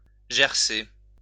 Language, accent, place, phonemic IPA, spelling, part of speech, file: French, France, Lyon, /ʒɛʁ.se/, gercer, verb, LL-Q150 (fra)-gercer.wav
- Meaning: to chap, become chapped